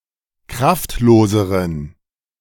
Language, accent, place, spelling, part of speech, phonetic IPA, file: German, Germany, Berlin, kraftloseren, adjective, [ˈkʁaftˌloːzəʁən], De-kraftloseren.ogg
- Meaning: inflection of kraftlos: 1. strong genitive masculine/neuter singular comparative degree 2. weak/mixed genitive/dative all-gender singular comparative degree